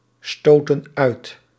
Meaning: inflection of uitstoten: 1. plural present indicative 2. plural present subjunctive
- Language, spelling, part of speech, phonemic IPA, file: Dutch, stoten uit, verb, /ˈstotə(n) ˈœyt/, Nl-stoten uit.ogg